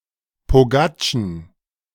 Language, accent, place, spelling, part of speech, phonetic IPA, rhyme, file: German, Germany, Berlin, Pogatschen, noun, [poˈɡaːt͡ʃn̩], -aːt͡ʃn̩, De-Pogatschen.ogg
- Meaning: plural of Pogatsche